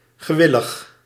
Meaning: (adjective) 1. voluntary, showing readiness, willing 2. compliant, yielding; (adverb) 1. compliantly, pliantly 2. readily, willingly
- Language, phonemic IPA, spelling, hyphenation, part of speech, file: Dutch, /ɣəˈʋɪ.ləx/, gewillig, ge‧wil‧lig, adjective / adverb, Nl-gewillig.ogg